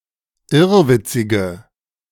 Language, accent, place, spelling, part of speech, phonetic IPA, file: German, Germany, Berlin, irrwitzige, adjective, [ˈɪʁvɪt͡sɪɡə], De-irrwitzige.ogg
- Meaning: inflection of irrwitzig: 1. strong/mixed nominative/accusative feminine singular 2. strong nominative/accusative plural 3. weak nominative all-gender singular